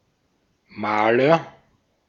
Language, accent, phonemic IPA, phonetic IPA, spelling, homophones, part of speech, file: German, Austria, /ˈmaːlər/, [ˈmaːlɐ], Maler, Mahler, noun, De-at-Maler.ogg
- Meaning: agent noun of malen (male or of unspecified gender): 1. painter (artist who paints pictures) 2. painter (skilled worker who paints walls etc.)